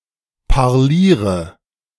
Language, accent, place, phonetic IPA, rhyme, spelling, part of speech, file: German, Germany, Berlin, [paʁˈliːʁə], -iːʁə, parliere, verb, De-parliere.ogg
- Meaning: inflection of parlieren: 1. first-person singular present 2. first/third-person singular subjunctive I 3. singular imperative